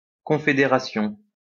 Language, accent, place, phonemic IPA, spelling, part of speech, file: French, France, Lyon, /kɔ̃.fe.de.ʁa.sjɔ̃/, confœderation, noun, LL-Q150 (fra)-confœderation.wav
- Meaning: obsolete form of confédération